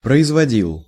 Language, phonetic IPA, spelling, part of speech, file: Russian, [prəɪzvɐˈdʲiɫ], производил, verb, Ru-производил.ogg
- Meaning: masculine singular past indicative imperfective of производи́ть (proizvodítʹ)